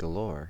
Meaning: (adjective) In abundance; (noun) An abundance; plenty
- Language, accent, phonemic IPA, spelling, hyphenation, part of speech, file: English, General American, /ɡəˈloɹ/, galore, ga‧lore, adjective / noun / adverb, En-us-galore.ogg